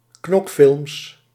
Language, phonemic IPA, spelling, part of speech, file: Dutch, /ˈknɔkfɪlms/, knokfilms, noun, Nl-knokfilms.ogg
- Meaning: plural of knokfilm